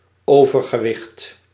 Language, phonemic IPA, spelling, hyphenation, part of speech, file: Dutch, /ˈoː.vər.ɣəˌʋɪxt/, overgewicht, over‧ge‧wicht, noun, Nl-overgewicht.ogg
- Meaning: 1. overweight (excess of traded goods or bodyweight) 2. obesity